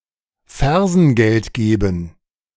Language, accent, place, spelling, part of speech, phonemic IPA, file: German, Germany, Berlin, Fersengeld geben, verb, /ˈfɛʁzənˌɡɛlt ˈɡeːbən/, De-Fersengeld geben.ogg
- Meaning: to flee, to leave, to skedaddle